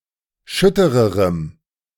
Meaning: strong dative masculine/neuter singular comparative degree of schütter
- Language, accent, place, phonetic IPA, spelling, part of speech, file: German, Germany, Berlin, [ˈʃʏtəʁəʁəm], schüttererem, adjective, De-schüttererem.ogg